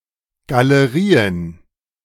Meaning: plural of Galerie
- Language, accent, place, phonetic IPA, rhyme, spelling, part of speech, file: German, Germany, Berlin, [ɡaləˈʁiːən], -iːən, Galerien, noun, De-Galerien.ogg